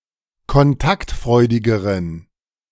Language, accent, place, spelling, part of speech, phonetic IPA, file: German, Germany, Berlin, kontaktfreudigeren, adjective, [kɔnˈtaktˌfʁɔɪ̯dɪɡəʁən], De-kontaktfreudigeren.ogg
- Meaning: inflection of kontaktfreudig: 1. strong genitive masculine/neuter singular comparative degree 2. weak/mixed genitive/dative all-gender singular comparative degree